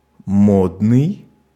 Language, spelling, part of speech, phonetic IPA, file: Russian, модный, adjective, [ˈmodnɨj], Ru-модный.ogg
- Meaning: fashionable (characteristic of or influenced by a current popular trend or style)